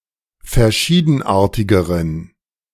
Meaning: inflection of verschiedenartig: 1. strong genitive masculine/neuter singular comparative degree 2. weak/mixed genitive/dative all-gender singular comparative degree
- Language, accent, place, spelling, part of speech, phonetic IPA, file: German, Germany, Berlin, verschiedenartigeren, adjective, [fɛɐ̯ˈʃiːdn̩ˌʔaːɐ̯tɪɡəʁən], De-verschiedenartigeren.ogg